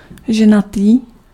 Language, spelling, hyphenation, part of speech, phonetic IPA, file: Czech, ženatý, že‧na‧tý, adjective, [ˈʒɛnatiː], Cs-ženatý.ogg
- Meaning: married (to a woman)